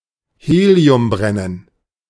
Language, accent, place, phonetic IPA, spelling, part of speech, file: German, Germany, Berlin, [ˈheːli̯ʊmˌbʁɛnən], Heliumbrennen, noun, De-Heliumbrennen.ogg
- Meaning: helium burning